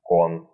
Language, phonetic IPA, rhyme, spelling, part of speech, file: Russian, [kon], -on, кон, noun, Ru-кон.ogg
- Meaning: 1. gambling bank, kitty 2. game, round